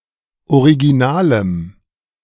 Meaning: strong dative masculine/neuter singular of original
- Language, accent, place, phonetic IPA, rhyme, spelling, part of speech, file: German, Germany, Berlin, [oʁiɡiˈnaːləm], -aːləm, originalem, adjective, De-originalem.ogg